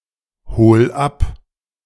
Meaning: 1. singular imperative of abholen 2. first-person singular present of abholen
- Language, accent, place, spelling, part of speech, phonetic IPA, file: German, Germany, Berlin, hol ab, verb, [ˌhoːl ˈap], De-hol ab.ogg